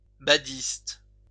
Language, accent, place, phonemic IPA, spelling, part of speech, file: French, France, Lyon, /ba.dist/, badiste, noun, LL-Q150 (fra)-badiste.wav
- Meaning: badminton player